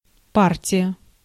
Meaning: 1. party (political group) 2. lot, batch, consignment, parcel 3. detachment 4. part 5. game, set, match 6. match (a candidate for matrimony)
- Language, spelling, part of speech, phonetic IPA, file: Russian, партия, noun, [ˈpartʲɪjə], Ru-партия.ogg